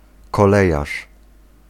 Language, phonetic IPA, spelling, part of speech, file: Polish, [kɔˈlɛjaʃ], kolejarz, noun, Pl-kolejarz.ogg